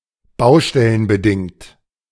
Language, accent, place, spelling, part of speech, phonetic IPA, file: German, Germany, Berlin, baustellenbedingt, adjective, [ˈbaʊ̯ʃtɛlənbəˌdɪŋt], De-baustellenbedingt.ogg
- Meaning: building site